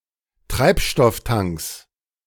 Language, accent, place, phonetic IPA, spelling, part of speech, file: German, Germany, Berlin, [ˈtʁaɪ̯pʃtɔfˌtaŋks], Treibstofftanks, noun, De-Treibstofftanks.ogg
- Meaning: plural of Treibstofftank